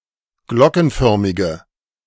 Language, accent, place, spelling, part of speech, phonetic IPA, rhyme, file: German, Germany, Berlin, glockenförmige, adjective, [ˈɡlɔkn̩ˌfœʁmɪɡə], -ɔkn̩fœʁmɪɡə, De-glockenförmige.ogg
- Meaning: inflection of glockenförmig: 1. strong/mixed nominative/accusative feminine singular 2. strong nominative/accusative plural 3. weak nominative all-gender singular